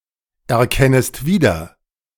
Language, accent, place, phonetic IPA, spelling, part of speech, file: German, Germany, Berlin, [ɛɐ̯ˌkɛnəst ˈviːdɐ], erkennest wieder, verb, De-erkennest wieder.ogg
- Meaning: second-person singular subjunctive I of wiedererkennen